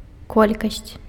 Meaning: quantity
- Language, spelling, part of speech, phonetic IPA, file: Belarusian, колькасць, noun, [ˈkolʲkasʲt͡sʲ], Be-колькасць.ogg